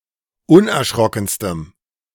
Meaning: strong dative masculine/neuter singular superlative degree of unerschrocken
- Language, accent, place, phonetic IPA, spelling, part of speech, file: German, Germany, Berlin, [ˈʊnʔɛɐ̯ˌʃʁɔkn̩stəm], unerschrockenstem, adjective, De-unerschrockenstem.ogg